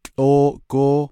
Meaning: outdoors, outside
- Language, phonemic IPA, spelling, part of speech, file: Navajo, /t͡ɬʼóːʔkóː/, tłʼóóʼgóó, adverb, Nv-tłʼóóʼgóó.ogg